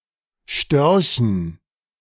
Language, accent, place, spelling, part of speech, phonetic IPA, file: German, Germany, Berlin, Störchen, noun, [ˈʃtœʁçn̩], De-Störchen.ogg
- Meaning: dative plural of Storch